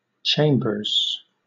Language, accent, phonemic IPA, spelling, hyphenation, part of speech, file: English, Southern England, /ˈt͡ʃeɪmbəz/, chambers, cham‧bers, noun / verb, LL-Q1860 (eng)-chambers.wav
- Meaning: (noun) A set of rooms in a building used as an office or a residential apartment